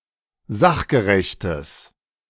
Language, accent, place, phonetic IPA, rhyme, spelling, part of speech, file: German, Germany, Berlin, [ˈzaxɡəʁɛçtəs], -axɡəʁɛçtəs, sachgerechtes, adjective, De-sachgerechtes.ogg
- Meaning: strong/mixed nominative/accusative neuter singular of sachgerecht